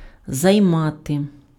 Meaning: to occupy, to take up, to take (:space, position, time, attention)
- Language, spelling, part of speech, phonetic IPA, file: Ukrainian, займати, verb, [zɐi̯ˈmate], Uk-займати.ogg